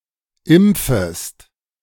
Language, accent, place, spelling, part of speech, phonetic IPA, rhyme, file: German, Germany, Berlin, impfest, verb, [ˈɪmp͡fəst], -ɪmp͡fəst, De-impfest.ogg
- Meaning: second-person singular subjunctive I of impfen